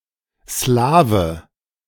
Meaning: Slav (member of a Slavic people, male or of unspecified gender)
- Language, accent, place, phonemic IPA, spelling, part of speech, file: German, Germany, Berlin, /ˈslaː.və/, Slawe, noun, De-Slawe.ogg